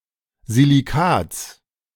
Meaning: genitive singular of Silicat
- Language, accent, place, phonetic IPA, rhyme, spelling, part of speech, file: German, Germany, Berlin, [ziliˈkaːt͡s], -aːt͡s, Silicats, noun, De-Silicats.ogg